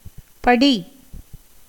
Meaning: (verb) 1. to read, recite, chant 2. to learn, study, commit to memory 3. to settle (as dust or sediment); to subside, become stationary, as water 4. to form; gather
- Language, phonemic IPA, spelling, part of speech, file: Tamil, /pɐɖiː/, படி, verb / noun / postposition, Ta-படி.ogg